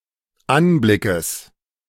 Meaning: genitive singular of Anblick
- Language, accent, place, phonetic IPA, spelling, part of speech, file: German, Germany, Berlin, [ˈanˌblɪkəs], Anblickes, noun, De-Anblickes.ogg